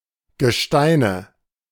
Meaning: nominative/accusative/genitive plural of Gestein
- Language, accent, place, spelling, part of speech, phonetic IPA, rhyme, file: German, Germany, Berlin, Gesteine, noun, [ɡəˈʃtaɪ̯nə], -aɪ̯nə, De-Gesteine.ogg